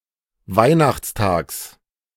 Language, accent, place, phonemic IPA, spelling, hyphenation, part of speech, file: German, Germany, Berlin, /ˈvaɪ̯naxt͡sˌtaːks/, Weihnachtstags, Weih‧nachts‧tags, noun, De-Weihnachtstags.ogg
- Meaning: genitive singular of Weihnachtstag